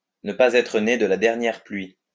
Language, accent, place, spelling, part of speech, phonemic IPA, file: French, France, Lyon, ne pas être né de la dernière pluie, verb, /nə pɑ(.z‿)ɛ.tʁə ne d(ə) la dɛʁ.njɛʁ plɥi/, LL-Q150 (fra)-ne pas être né de la dernière pluie.wav
- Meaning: not to be born yesterday, not to have fallen off the turnip truck, to have been around